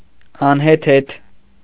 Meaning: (adjective) 1. absurd, ridiculous, nonsensical; pointless 2. unmindful, heedless, wrong 3. bizarre, deformed, odd 4. disordered, disorganized, messy 5. enormous, colossal, gigantic
- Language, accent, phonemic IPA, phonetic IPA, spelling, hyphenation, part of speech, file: Armenian, Eastern Armenian, /ɑnheˈtʰetʰ/, [ɑnhetʰétʰ], անհեթեթ, ան‧հե‧թեթ, adjective / adverb, Hy-անհեթեթ .ogg